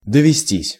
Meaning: 1. to have occasion, to have a chance 2. passive of довести́ (dovestí)
- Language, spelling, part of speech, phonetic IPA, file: Russian, довестись, verb, [dəvʲɪˈsʲtʲisʲ], Ru-довестись.ogg